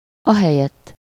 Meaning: instead of
- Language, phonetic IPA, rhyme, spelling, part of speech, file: Hungarian, [ˈɒɦɛjɛtː], -ɛtː, ahelyett, adverb, Hu-ahelyett.ogg